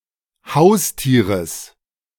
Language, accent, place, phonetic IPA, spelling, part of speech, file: German, Germany, Berlin, [ˈhaʊ̯sˌtiːʁəs], Haustieres, noun, De-Haustieres.ogg
- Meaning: genitive singular of Haustier